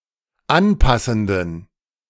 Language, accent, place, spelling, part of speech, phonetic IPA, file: German, Germany, Berlin, anpassenden, adjective, [ˈanˌpasn̩dən], De-anpassenden.ogg
- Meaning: inflection of anpassend: 1. strong genitive masculine/neuter singular 2. weak/mixed genitive/dative all-gender singular 3. strong/weak/mixed accusative masculine singular 4. strong dative plural